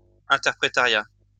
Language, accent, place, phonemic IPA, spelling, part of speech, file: French, France, Lyon, /ɛ̃.tɛʁ.pʁe.ta.ʁja/, interprétariat, noun, LL-Q150 (fra)-interprétariat.wav
- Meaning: interpreting; interpreting studies